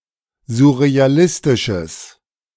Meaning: strong/mixed nominative/accusative neuter singular of surrealistisch
- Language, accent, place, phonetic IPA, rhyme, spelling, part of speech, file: German, Germany, Berlin, [zʊʁeaˈlɪstɪʃəs], -ɪstɪʃəs, surrealistisches, adjective, De-surrealistisches.ogg